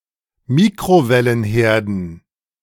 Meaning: dative plural of Mikrowellenherd
- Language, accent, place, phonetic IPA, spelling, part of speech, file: German, Germany, Berlin, [ˈmiːkʁovɛlənˌheːɐ̯dn̩], Mikrowellenherden, noun, De-Mikrowellenherden.ogg